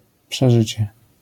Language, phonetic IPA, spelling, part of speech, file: Polish, [pʃɛˈʒɨt͡ɕɛ], przeżycie, noun, LL-Q809 (pol)-przeżycie.wav